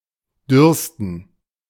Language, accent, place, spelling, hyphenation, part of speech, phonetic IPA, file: German, Germany, Berlin, dürsten, dürs‧ten, verb, [ˈdʏʁstn̩], De-dürsten.ogg
- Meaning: to thirst